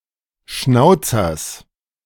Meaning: genitive of Schnauzer
- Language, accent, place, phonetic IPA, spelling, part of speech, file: German, Germany, Berlin, [ˈʃnaʊ̯t͡sɐs], Schnauzers, noun, De-Schnauzers.ogg